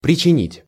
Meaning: to cause, to do
- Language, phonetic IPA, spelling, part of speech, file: Russian, [prʲɪt͡ɕɪˈnʲitʲ], причинить, verb, Ru-причинить.ogg